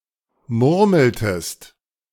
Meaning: inflection of murmeln: 1. second-person singular preterite 2. second-person singular subjunctive II
- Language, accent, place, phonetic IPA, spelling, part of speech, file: German, Germany, Berlin, [ˈmʊʁml̩təst], murmeltest, verb, De-murmeltest.ogg